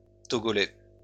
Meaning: of Togo; Togolese
- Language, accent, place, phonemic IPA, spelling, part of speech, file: French, France, Lyon, /tɔ.ɡɔ.lɛ/, togolais, adjective, LL-Q150 (fra)-togolais.wav